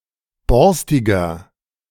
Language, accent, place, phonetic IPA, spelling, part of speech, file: German, Germany, Berlin, [ˈbɔʁstɪɡɐ], borstiger, adjective, De-borstiger.ogg
- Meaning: 1. comparative degree of borstig 2. inflection of borstig: strong/mixed nominative masculine singular 3. inflection of borstig: strong genitive/dative feminine singular